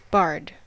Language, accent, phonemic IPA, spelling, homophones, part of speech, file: English, US, /bɑɹd/, bard, barred, noun / verb, En-us-bard.ogg
- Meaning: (noun) 1. A professional poet and singer, like among the ancient Celts, whose occupation was to compose and sing verses in honor of the heroic achievements of princes and brave men 2. A poet